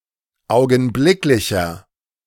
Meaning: inflection of augenblicklich: 1. strong/mixed nominative masculine singular 2. strong genitive/dative feminine singular 3. strong genitive plural
- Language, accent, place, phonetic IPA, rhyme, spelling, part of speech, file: German, Germany, Berlin, [ˌaʊ̯ɡn̩ˈblɪklɪçɐ], -ɪklɪçɐ, augenblicklicher, adjective, De-augenblicklicher.ogg